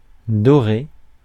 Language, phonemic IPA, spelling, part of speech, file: French, /dɔ.ʁe/, doré, adjective / verb, Fr-doré.ogg
- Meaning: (adjective) golden; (verb) past participle of dorer